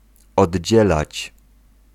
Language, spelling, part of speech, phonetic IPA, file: Polish, oddzielać, verb, [ɔdʲˈd͡ʑɛlat͡ɕ], Pl-oddzielać.ogg